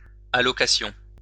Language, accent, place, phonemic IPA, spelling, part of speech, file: French, France, Lyon, /a.lɔ.ka.sjɔ̃/, allocation, noun, LL-Q150 (fra)-allocation.wav
- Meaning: 1. allocation 2. granting, assignment 3. benefit, allowance